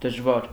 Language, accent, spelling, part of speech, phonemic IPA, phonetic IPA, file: Armenian, Eastern Armenian, դժվար, adjective / adverb, /dəʒˈvɑɾ/, [dəʒvɑ́ɾ], Hy-դժվար.ogg
- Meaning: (adjective) hard, difficult, challenging; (adverb) 1. with difficulty 2. hardly